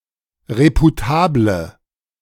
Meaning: inflection of reputabel: 1. strong/mixed nominative/accusative feminine singular 2. strong nominative/accusative plural 3. weak nominative all-gender singular
- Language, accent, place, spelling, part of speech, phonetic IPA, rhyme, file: German, Germany, Berlin, reputable, adjective, [ˌʁepuˈtaːblə], -aːblə, De-reputable.ogg